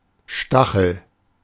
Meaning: spike, sting, barb, prick
- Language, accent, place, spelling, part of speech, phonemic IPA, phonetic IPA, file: German, Germany, Berlin, Stachel, noun, /ˈʃtaxl̩/, [ˈʃtaχl̩], De-Stachel.ogg